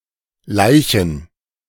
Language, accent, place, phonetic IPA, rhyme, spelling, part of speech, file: German, Germany, Berlin, [ˈlaɪ̯çn̩], -aɪ̯çn̩, Laichen, noun, De-Laichen.ogg
- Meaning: plural of Laich